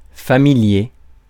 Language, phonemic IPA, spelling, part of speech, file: French, /fa.mi.lje/, familier, adjective, Fr-familier.ogg
- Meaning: 1. familiar (known to one) 2. familiar, informal, colloquial